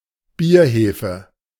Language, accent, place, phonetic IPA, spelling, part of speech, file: German, Germany, Berlin, [ˈbiːɐ̯ˌheːfə], Bierhefe, noun, De-Bierhefe.ogg
- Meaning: yeast; barm